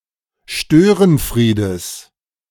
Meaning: genitive singular of Störenfried
- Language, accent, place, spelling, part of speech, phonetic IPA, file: German, Germany, Berlin, Störenfriedes, noun, [ˈʃtøːʁənˌfʁiːdəs], De-Störenfriedes.ogg